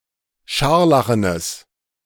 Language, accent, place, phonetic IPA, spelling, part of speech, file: German, Germany, Berlin, [ˈʃaʁlaxənəs], scharlachenes, adjective, De-scharlachenes.ogg
- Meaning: strong/mixed nominative/accusative neuter singular of scharlachen